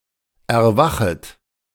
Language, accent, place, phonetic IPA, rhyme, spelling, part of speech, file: German, Germany, Berlin, [ɛɐ̯ˈvaxət], -axət, erwachet, verb, De-erwachet.ogg
- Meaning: second-person plural subjunctive I of erwachen